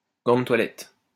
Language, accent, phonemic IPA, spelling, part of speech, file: French, France, /ɡɑ̃ də twa.lɛt/, gant de toilette, noun, LL-Q150 (fra)-gant de toilette.wav
- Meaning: washing mitt